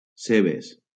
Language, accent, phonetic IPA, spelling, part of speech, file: Catalan, Valencia, [ˈse.bes], cebes, noun, LL-Q7026 (cat)-cebes.wav
- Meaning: plural of ceba